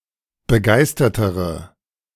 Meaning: inflection of begeistert: 1. strong/mixed nominative/accusative feminine singular comparative degree 2. strong nominative/accusative plural comparative degree
- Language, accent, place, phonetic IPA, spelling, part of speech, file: German, Germany, Berlin, [bəˈɡaɪ̯stɐtəʁə], begeistertere, adjective, De-begeistertere.ogg